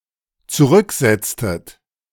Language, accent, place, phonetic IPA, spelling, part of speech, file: German, Germany, Berlin, [t͡suˈʁʏkˌzɛt͡stət], zurücksetztet, verb, De-zurücksetztet.ogg
- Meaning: inflection of zurücksetzen: 1. second-person plural dependent preterite 2. second-person plural dependent subjunctive II